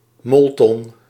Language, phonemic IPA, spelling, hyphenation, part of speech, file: Dutch, /ˈmɔl.tɔn/, molton, mol‧ton, noun, Nl-molton.ogg
- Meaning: 1. a thick woolen or cotton twilled fabric 2. a cloth of this fabric placed on top of mattresses to absorb moisture